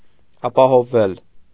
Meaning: 1. mediopassive of ապահովել (apahovel) 2. to become safe, protected, secured
- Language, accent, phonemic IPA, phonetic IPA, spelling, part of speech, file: Armenian, Eastern Armenian, /ɑpɑhovˈvel/, [ɑpɑhovːél], ապահովվել, verb, Hy-ապահովվել.ogg